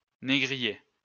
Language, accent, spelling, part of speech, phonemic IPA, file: French, France, négrier, noun / adjective, /ne.ɡʁi.je/, LL-Q150 (fra)-négrier.wav
- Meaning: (noun) 1. a slaver, slave trader, slaveholder, slave driver (specifically black slaves) 2. a slave ship 3. a slave driver; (adjective) slave trade; slave, proslavery